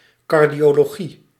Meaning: cardiology
- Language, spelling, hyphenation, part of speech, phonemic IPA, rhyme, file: Dutch, cardiologie, car‧dio‧lo‧gie, noun, /ˌkɑr.di.oː.loːˈɣi/, -i, Nl-cardiologie.ogg